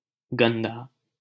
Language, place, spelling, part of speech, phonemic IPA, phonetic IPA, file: Hindi, Delhi, गन्दा, adjective, /ɡən.d̪ɑː/, [ɡɐ̃n̪.d̪äː], LL-Q1568 (hin)-गन्दा.wav
- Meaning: alternative spelling of गंदा (gandā)